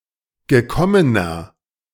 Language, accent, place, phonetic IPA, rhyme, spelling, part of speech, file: German, Germany, Berlin, [ɡəˈkɔmənɐ], -ɔmənɐ, gekommener, adjective, De-gekommener.ogg
- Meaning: inflection of gekommen: 1. strong/mixed nominative masculine singular 2. strong genitive/dative feminine singular 3. strong genitive plural